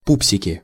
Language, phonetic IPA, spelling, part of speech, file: Russian, [ˈpupsʲɪkʲɪ], пупсики, noun, Ru-пупсики.ogg
- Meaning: nominative plural of пу́псик (púpsik)